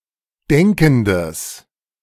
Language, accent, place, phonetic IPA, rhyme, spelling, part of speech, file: German, Germany, Berlin, [ˈdɛŋkn̩dəs], -ɛŋkn̩dəs, denkendes, adjective, De-denkendes.ogg
- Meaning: strong/mixed nominative/accusative neuter singular of denkend